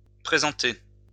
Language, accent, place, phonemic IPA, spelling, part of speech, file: French, France, Lyon, /pʁe.zɑ̃.te/, présentée, verb, LL-Q150 (fra)-présentée.wav
- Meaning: feminine singular of présenté